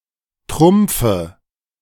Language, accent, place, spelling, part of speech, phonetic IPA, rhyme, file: German, Germany, Berlin, Trumpfe, noun, [ˈtʁʊmp͡fə], -ʊmp͡fə, De-Trumpfe.ogg
- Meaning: dative of Trumpf